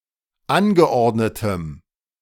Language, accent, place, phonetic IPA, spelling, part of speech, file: German, Germany, Berlin, [ˈanɡəˌʔɔʁdnətəm], angeordnetem, adjective, De-angeordnetem.ogg
- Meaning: strong dative masculine/neuter singular of angeordnet